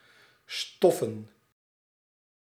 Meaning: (verb) to dust, to remove dust from; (adjective) fabric (made of fabric); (noun) plural of stof
- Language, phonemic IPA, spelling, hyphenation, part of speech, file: Dutch, /ˈstɔfə(n)/, stoffen, stof‧fen, verb / adjective / noun, Nl-stoffen.ogg